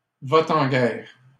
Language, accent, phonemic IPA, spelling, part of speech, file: French, Canada, /va.t‿ɑ̃ ɡɛʁ/, va-t-en-guerre, adjective / noun, LL-Q150 (fra)-va-t-en-guerre.wav
- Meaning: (adjective) hawkish, bellicose; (noun) hawk, warmonger